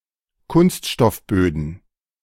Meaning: plural of Kunststoffboden
- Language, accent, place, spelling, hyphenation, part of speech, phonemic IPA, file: German, Germany, Berlin, Kunststoffböden, Kunst‧stoff‧bö‧den, noun, /ˈkʊnstʃtɔfˌbøːdn̩/, De-Kunststoffböden.ogg